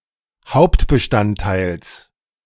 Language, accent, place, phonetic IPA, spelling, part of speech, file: German, Germany, Berlin, [ˈhaʊ̯ptbəˌʃtanttaɪ̯ls], Hauptbestandteils, noun, De-Hauptbestandteils.ogg
- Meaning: genitive singular of Hauptbestandteil